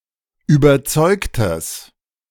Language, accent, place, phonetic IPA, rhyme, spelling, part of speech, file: German, Germany, Berlin, [yːbɐˈt͡sɔɪ̯ktəs], -ɔɪ̯ktəs, überzeugtes, adjective, De-überzeugtes.ogg
- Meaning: strong/mixed nominative/accusative neuter singular of überzeugt